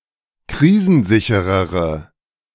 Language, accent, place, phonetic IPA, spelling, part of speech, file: German, Germany, Berlin, [ˈkʁiːzn̩ˌzɪçəʁəʁə], krisensicherere, adjective, De-krisensicherere.ogg
- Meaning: inflection of krisensicher: 1. strong/mixed nominative/accusative feminine singular comparative degree 2. strong nominative/accusative plural comparative degree